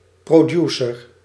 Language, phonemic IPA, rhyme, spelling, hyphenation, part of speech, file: Dutch, /proːˈdjuː.sər/, -uːsər, producer, pro‧du‧cer, noun, Nl-producer.ogg
- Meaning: producer